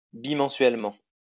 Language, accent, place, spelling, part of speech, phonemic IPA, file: French, France, Lyon, bimensuellement, adverb, /bi.mɑ̃.sɥɛl.mɑ̃/, LL-Q150 (fra)-bimensuellement.wav
- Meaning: fortnightly, bimonthly